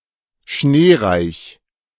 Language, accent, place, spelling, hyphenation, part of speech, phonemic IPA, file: German, Germany, Berlin, schneereich, schnee‧reich, adjective, /ˈʃneːˌʁaɪ̯ç/, De-schneereich.ogg
- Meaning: snowy